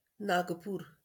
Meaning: 1. Nagpur (a large city, the winter capital of Maharashtra, India) 2. Nagpur (a district of Maharashtra, India, containing the city of the same name)
- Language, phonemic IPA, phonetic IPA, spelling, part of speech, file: Marathi, /naɡ.puːɾ/, [nak.puːɾ], नागपूर, proper noun, LL-Q1571 (mar)-नागपूर.wav